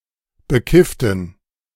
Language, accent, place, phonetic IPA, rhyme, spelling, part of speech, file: German, Germany, Berlin, [bəˈkɪftn̩], -ɪftn̩, bekifften, adjective / verb, De-bekifften.ogg
- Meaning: inflection of bekifft: 1. strong genitive masculine/neuter singular 2. weak/mixed genitive/dative all-gender singular 3. strong/weak/mixed accusative masculine singular 4. strong dative plural